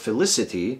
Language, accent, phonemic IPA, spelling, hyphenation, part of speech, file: English, General American, /fəˈlɪsəti/, felicity, fe‧li‧ci‧ty, noun, En-us-felicity.ogg
- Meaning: 1. The condition of being happy 2. The condition of being happy.: Intense happiness 3. The condition of being happy.: An instance of intense happiness